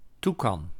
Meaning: toucan
- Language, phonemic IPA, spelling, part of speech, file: Dutch, /ˈtukɑn/, toekan, noun, Nl-toekan.ogg